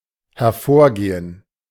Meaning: 1. to result; to follow (logically) 2. to arise (from)
- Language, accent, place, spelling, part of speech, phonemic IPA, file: German, Germany, Berlin, hervorgehen, verb, /hɛʁˈfoːɐ̯ˌɡeːən/, De-hervorgehen.ogg